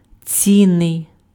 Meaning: valuable
- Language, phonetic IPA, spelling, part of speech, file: Ukrainian, [ˈt͡sʲinːei̯], цінний, adjective, Uk-цінний.ogg